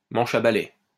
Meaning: 1. broomstick 2. joystick
- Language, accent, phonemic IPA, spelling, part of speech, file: French, France, /mɑ̃.ʃ‿a ba.lɛ/, manche à balai, noun, LL-Q150 (fra)-manche à balai.wav